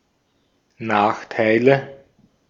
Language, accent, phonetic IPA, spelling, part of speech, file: German, Austria, [ˈnaːxtaɪ̯lə], Nachteile, noun, De-at-Nachteile.ogg
- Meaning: nominative/accusative/genitive plural of Nachteil